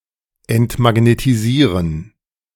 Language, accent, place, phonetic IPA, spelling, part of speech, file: German, Germany, Berlin, [ɛntmaɡnetiˈziːʁən], entmagnetisieren, verb, De-entmagnetisieren.ogg
- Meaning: to demagnetize / demagnetise